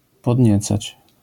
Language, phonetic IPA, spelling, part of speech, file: Polish, [pɔdʲˈɲɛt͡sat͡ɕ], podniecać, verb, LL-Q809 (pol)-podniecać.wav